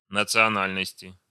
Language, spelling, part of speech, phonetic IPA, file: Russian, национальности, noun, [nət͡sɨɐˈnalʲnəsʲtʲɪ], Ru-национальности.ogg
- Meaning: inflection of национа́льность (nacionálʹnostʹ): 1. genitive/dative/prepositional singular 2. nominative/accusative plural